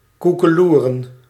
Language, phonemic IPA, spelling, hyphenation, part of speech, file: Dutch, /ˌku.kəˈlu.rə(n)/, koekeloeren, koe‧ke‧loe‧ren, verb, Nl-koekeloeren.ogg
- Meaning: 1. to look, to stare 2. to idle, to be somewhere without doing much 3. to crow like a rooster, to produce the sound of a cock